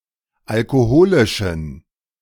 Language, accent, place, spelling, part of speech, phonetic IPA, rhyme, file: German, Germany, Berlin, alkoholischen, adjective, [alkoˈhoːlɪʃn̩], -oːlɪʃn̩, De-alkoholischen.ogg
- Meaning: inflection of alkoholisch: 1. strong genitive masculine/neuter singular 2. weak/mixed genitive/dative all-gender singular 3. strong/weak/mixed accusative masculine singular 4. strong dative plural